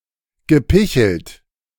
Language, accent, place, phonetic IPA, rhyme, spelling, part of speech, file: German, Germany, Berlin, [ɡəˈpɪçl̩t], -ɪçl̩t, gepichelt, verb, De-gepichelt.ogg
- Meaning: past participle of picheln